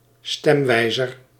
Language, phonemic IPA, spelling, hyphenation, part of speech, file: Dutch, /ˈstɛmˌʋɛi̯.zər/, stemwijzer, stem‧wij‧zer, noun, Nl-stemwijzer.ogg